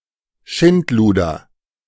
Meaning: carrion
- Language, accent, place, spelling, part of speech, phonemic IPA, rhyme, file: German, Germany, Berlin, Schindluder, noun, /ˈʃɪntˌluːdɐ/, -uːdɐ, De-Schindluder.ogg